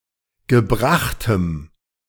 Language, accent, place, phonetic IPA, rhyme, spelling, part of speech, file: German, Germany, Berlin, [ɡəˈbʁaxtəm], -axtəm, gebrachtem, adjective, De-gebrachtem.ogg
- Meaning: strong dative masculine/neuter singular of gebracht